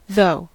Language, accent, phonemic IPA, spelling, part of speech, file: English, General American, /ðoʊ/, though, adverb / conjunction, En-us-though.ogg
- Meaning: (adverb) 1. Despite that; however 2. Used to intensify statements or questions; indeed; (conjunction) 1. Despite the fact that; although 2. If, that, even if